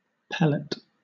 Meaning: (noun) 1. A small, compressed, hard chunk of matter 2. A lead projectile used as ammunition in rifled air guns
- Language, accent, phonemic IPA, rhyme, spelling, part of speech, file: English, Southern England, /ˈpɛl.ɪt/, -ɛlɪt, pellet, noun / verb, LL-Q1860 (eng)-pellet.wav